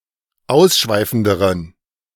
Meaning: inflection of ausschweifend: 1. strong genitive masculine/neuter singular comparative degree 2. weak/mixed genitive/dative all-gender singular comparative degree
- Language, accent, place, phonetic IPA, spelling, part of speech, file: German, Germany, Berlin, [ˈaʊ̯sˌʃvaɪ̯fn̩dəʁən], ausschweifenderen, adjective, De-ausschweifenderen.ogg